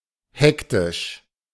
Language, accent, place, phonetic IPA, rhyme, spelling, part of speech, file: German, Germany, Berlin, [ˈhɛktɪʃ], -ɛktɪʃ, hektisch, adjective, De-hektisch.ogg
- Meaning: hectic